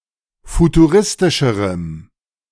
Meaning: strong dative masculine/neuter singular comparative degree of futuristisch
- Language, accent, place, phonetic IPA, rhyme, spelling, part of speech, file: German, Germany, Berlin, [futuˈʁɪstɪʃəʁəm], -ɪstɪʃəʁəm, futuristischerem, adjective, De-futuristischerem.ogg